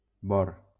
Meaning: boron
- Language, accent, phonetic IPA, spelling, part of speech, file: Catalan, Valencia, [ˈbɔr], bor, noun, LL-Q7026 (cat)-bor.wav